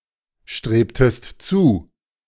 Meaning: inflection of zustreben: 1. second-person singular preterite 2. second-person singular subjunctive II
- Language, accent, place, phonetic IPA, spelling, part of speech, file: German, Germany, Berlin, [ˌʃtʁeːptəst ˈt͡suː], strebtest zu, verb, De-strebtest zu.ogg